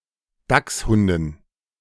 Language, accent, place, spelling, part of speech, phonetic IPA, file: German, Germany, Berlin, Dachshunden, noun, [ˈdaksˌhʊndn̩], De-Dachshunden.ogg
- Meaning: dative plural of Dachshund